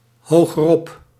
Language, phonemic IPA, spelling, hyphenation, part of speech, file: Dutch, /ˌhoɣəˈrɔp/, hogerop, ho‧ger‧op, adverb, Nl-hogerop.ogg
- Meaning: 1. to higher ground 2. to higher in hierarchy (for example appeal to a higher court)